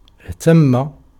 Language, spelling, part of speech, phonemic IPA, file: Arabic, اهتم, verb, /ih.tam.ma/, Ar-اهتم.ogg
- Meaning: 1. to look after (بِ (bi)) 2. to be distressed, to be grieved, to be worried 3. to be anxious about, to be concerned at, to be solicitous